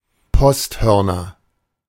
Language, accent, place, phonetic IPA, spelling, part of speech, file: German, Germany, Berlin, [ˈpɔstˌhœʁnɐ], Posthörner, noun, De-Posthörner.ogg
- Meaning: nominative/accusative/genitive plural of Posthorn